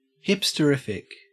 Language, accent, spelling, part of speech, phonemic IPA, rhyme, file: English, Australia, hipsterific, adjective, /ˌhɪp.stəˈɹɪf.ɪk/, -ɪfɪk, En-au-hipsterific.ogg
- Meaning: Extremely hipsterish